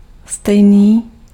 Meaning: same, equal
- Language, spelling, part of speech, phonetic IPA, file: Czech, stejný, adjective, [ˈstɛjniː], Cs-stejný.ogg